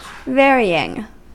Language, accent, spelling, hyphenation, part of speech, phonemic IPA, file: English, US, varying, vary‧ing, adjective / verb / noun, /ˈvɛɹiɪŋ/, En-us-varying.ogg
- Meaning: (verb) present participle and gerund of vary; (noun) A kind of variable, used by a fragment shader, that interpolates values across a primitive, so as to produce gradient effects etc